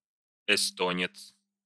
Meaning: Estonian
- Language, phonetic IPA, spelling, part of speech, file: Russian, [ɪˈstonʲɪt͡s], эстонец, noun, Ru-эстонец.ogg